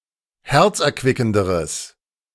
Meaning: strong/mixed nominative/accusative neuter singular comparative degree of herzerquickend
- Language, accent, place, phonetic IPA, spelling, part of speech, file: German, Germany, Berlin, [ˈhɛʁt͡sʔɛɐ̯ˌkvɪkn̩dəʁəs], herzerquickenderes, adjective, De-herzerquickenderes.ogg